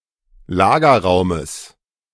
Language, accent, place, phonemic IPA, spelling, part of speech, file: German, Germany, Berlin, /ˈlaːɡɐˌʁaʊ̯məs/, Lagerraumes, noun, De-Lagerraumes.ogg
- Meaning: genitive singular of Lagerraum